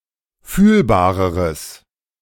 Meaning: strong/mixed nominative/accusative neuter singular comparative degree of fühlbar
- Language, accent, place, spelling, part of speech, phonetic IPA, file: German, Germany, Berlin, fühlbareres, adjective, [ˈfyːlbaːʁəʁəs], De-fühlbareres.ogg